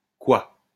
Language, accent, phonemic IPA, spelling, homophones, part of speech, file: French, France, /kwa/, coi, cois / quoi, adjective / noun / interjection, LL-Q150 (fra)-coi.wav
- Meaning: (adjective) 1. silent 2. speechless; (noun) quiet; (interjection) cry of a huntsman to send the dogs on chase